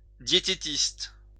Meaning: dietitian
- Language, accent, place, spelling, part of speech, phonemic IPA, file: French, France, Lyon, diététiste, noun, /dje.te.tist/, LL-Q150 (fra)-diététiste.wav